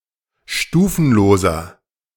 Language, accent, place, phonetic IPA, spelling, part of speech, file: German, Germany, Berlin, [ˈʃtuːfn̩loːzɐ], stufenloser, adjective, De-stufenloser.ogg
- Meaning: inflection of stufenlos: 1. strong/mixed nominative masculine singular 2. strong genitive/dative feminine singular 3. strong genitive plural